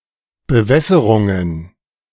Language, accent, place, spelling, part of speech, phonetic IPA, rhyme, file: German, Germany, Berlin, Bewässerungen, noun, [bəˈvɛsəʁʊŋən], -ɛsəʁʊŋən, De-Bewässerungen.ogg
- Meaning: plural of Bewässerung